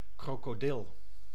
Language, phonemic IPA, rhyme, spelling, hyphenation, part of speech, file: Dutch, /ˌkroː.koːˈdɪl/, -ɪl, krokodil, kro‧ko‧dil, noun, Nl-krokodil.ogg
- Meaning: crocodile